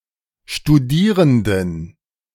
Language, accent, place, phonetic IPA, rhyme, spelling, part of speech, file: German, Germany, Berlin, [ʃtuˈdiːʁəndn̩], -iːʁəndn̩, Studierenden, noun, De-Studierenden.ogg
- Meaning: inflection of Studierender: 1. strong genitive/accusative singular 2. strong dative plural 3. weak genitive/dative singular 4. weak nominative/genitive/dative/accusative plural